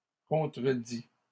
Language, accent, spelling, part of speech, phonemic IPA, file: French, Canada, contredits, verb, /kɔ̃.tʁə.di/, LL-Q150 (fra)-contredits.wav
- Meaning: masculine plural of contredit